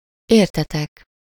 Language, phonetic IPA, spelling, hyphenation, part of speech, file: Hungarian, [ˈeːrtɛtɛk], értetek, ér‧te‧tek, pronoun / verb, Hu-értetek.ogg
- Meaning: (pronoun) second-person plural of érte; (verb) 1. second-person plural indicative present indefinite of ért 2. second-person plural indicative past indefinite of ér